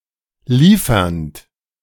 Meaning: present participle of liefern
- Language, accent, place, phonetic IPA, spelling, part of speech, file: German, Germany, Berlin, [ˈliːfɐnt], liefernd, verb, De-liefernd.ogg